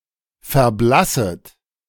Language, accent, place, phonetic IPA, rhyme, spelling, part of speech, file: German, Germany, Berlin, [fɛɐ̯ˈblasət], -asət, verblasset, verb, De-verblasset.ogg
- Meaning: second-person plural subjunctive I of verblassen